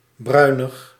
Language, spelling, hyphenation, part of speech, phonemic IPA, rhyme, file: Dutch, bruinig, brui‧nig, adjective, /ˈbrœy̯.nəx/, -œy̯nəx, Nl-bruinig.ogg
- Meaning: brownish, of a colour or shade which resembles or hinges on brown and/or contains some brown